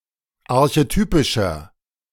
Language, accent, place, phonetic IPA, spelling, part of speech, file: German, Germany, Berlin, [aʁçeˈtyːpɪʃɐ], archetypischer, adjective, De-archetypischer.ogg
- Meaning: 1. comparative degree of archetypisch 2. inflection of archetypisch: strong/mixed nominative masculine singular 3. inflection of archetypisch: strong genitive/dative feminine singular